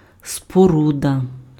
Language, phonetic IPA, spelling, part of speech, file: Ukrainian, [spoˈrudɐ], споруда, noun, Uk-споруда.ogg
- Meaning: structure, building, construction